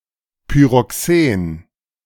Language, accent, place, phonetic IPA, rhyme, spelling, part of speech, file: German, Germany, Berlin, [pyʁɔˈkseːn], -eːn, Pyroxen, noun, De-Pyroxen.ogg
- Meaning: pyroxene